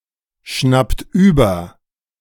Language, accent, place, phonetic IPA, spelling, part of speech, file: German, Germany, Berlin, [ˌʃnapt ˈyːbɐ], schnappt über, verb, De-schnappt über.ogg
- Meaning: inflection of überschnappen: 1. second-person plural present 2. third-person singular present 3. plural imperative